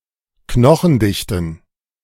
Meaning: plural of Knochendichte
- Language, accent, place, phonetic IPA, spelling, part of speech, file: German, Germany, Berlin, [ˈknɔxn̩ˌdɪçtn̩], Knochendichten, noun, De-Knochendichten.ogg